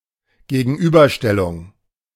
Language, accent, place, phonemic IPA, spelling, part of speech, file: German, Germany, Berlin, /ɡeːɡn̩ˈʔyːbɐˌʃtɛlʊŋ/, Gegenüberstellung, noun, De-Gegenüberstellung.ogg
- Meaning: 1. comparison 2. lineup; police lineup; identity parade